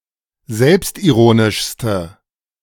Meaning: inflection of selbstironisch: 1. strong/mixed nominative/accusative feminine singular superlative degree 2. strong nominative/accusative plural superlative degree
- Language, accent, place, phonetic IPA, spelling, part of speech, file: German, Germany, Berlin, [ˈzɛlpstʔiˌʁoːnɪʃstə], selbstironischste, adjective, De-selbstironischste.ogg